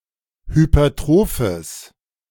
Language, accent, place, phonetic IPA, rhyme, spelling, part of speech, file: German, Germany, Berlin, [hypɐˈtʁoːfəs], -oːfəs, hypertrophes, adjective, De-hypertrophes.ogg
- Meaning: strong/mixed nominative/accusative neuter singular of hypertroph